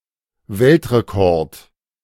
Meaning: World record
- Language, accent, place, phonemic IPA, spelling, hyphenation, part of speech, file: German, Germany, Berlin, /ˈvɛltʁekɔʁt/, Weltrekord, Welt‧re‧kord, noun, De-Weltrekord.ogg